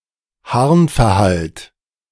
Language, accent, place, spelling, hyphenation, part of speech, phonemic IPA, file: German, Germany, Berlin, Harnverhalt, Harn‧ver‧halt, noun, /ˈhaʁnfɛɐ̯ˌhalt/, De-Harnverhalt.ogg
- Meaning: ischury, urinary retention